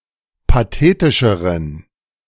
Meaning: inflection of pathetisch: 1. strong genitive masculine/neuter singular comparative degree 2. weak/mixed genitive/dative all-gender singular comparative degree
- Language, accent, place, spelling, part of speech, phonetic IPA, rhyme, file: German, Germany, Berlin, pathetischeren, adjective, [paˈteːtɪʃəʁən], -eːtɪʃəʁən, De-pathetischeren.ogg